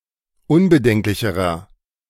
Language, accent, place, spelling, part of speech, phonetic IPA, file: German, Germany, Berlin, unbedenklicherer, adjective, [ˈʊnbəˌdɛŋklɪçəʁɐ], De-unbedenklicherer.ogg
- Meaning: inflection of unbedenklich: 1. strong/mixed nominative masculine singular comparative degree 2. strong genitive/dative feminine singular comparative degree 3. strong genitive plural comparative degree